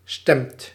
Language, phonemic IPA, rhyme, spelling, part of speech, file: Dutch, /stɛmt/, -ɛmt, stemt, verb, Nl-stemt.ogg
- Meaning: inflection of stemmen: 1. second/third-person singular present indicative 2. plural imperative